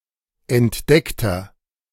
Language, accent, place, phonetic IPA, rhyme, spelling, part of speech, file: German, Germany, Berlin, [ɛntˈdɛktɐ], -ɛktɐ, entdeckter, adjective, De-entdeckter.ogg
- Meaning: inflection of entdeckt: 1. strong/mixed nominative masculine singular 2. strong genitive/dative feminine singular 3. strong genitive plural